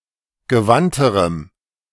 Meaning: strong dative masculine/neuter singular comparative degree of gewandt
- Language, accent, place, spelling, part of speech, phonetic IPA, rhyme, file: German, Germany, Berlin, gewandterem, adjective, [ɡəˈvantəʁəm], -antəʁəm, De-gewandterem.ogg